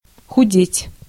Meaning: to lose weight, to grow thin, to lose flesh
- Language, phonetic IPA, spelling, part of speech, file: Russian, [xʊˈdʲetʲ], худеть, verb, Ru-худеть.ogg